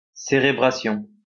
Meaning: cerebration
- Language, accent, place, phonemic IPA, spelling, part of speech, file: French, France, Lyon, /se.ʁe.bʁa.sjɔ̃/, cérébration, noun, LL-Q150 (fra)-cérébration.wav